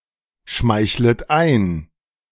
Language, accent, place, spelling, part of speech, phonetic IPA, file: German, Germany, Berlin, schmeichlet ein, verb, [ˌʃmaɪ̯çlət ˈaɪ̯n], De-schmeichlet ein.ogg
- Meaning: second-person plural subjunctive I of einschmeicheln